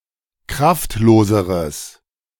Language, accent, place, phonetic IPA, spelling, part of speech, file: German, Germany, Berlin, [ˈkʁaftˌloːzəʁəs], kraftloseres, adjective, De-kraftloseres.ogg
- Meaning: strong/mixed nominative/accusative neuter singular comparative degree of kraftlos